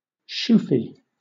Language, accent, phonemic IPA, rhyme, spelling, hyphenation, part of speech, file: English, Southern England, /ˈʃuːfi/, -uːfi, shoefie, shoe‧fie, noun, LL-Q1860 (eng)-shoefie.wav
- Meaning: A photograph that one takes of one's own shoes while one is wearing them